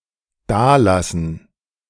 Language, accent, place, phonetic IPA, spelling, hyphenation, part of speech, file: German, Germany, Berlin, [ˈdaːˌlasn̩], dalassen, da‧las‧sen, verb, De-dalassen.ogg
- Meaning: to leave behind